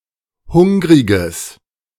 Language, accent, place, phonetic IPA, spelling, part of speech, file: German, Germany, Berlin, [ˈhʊŋʁɪɡəs], hungriges, adjective, De-hungriges.ogg
- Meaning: strong/mixed nominative/accusative neuter singular of hungrig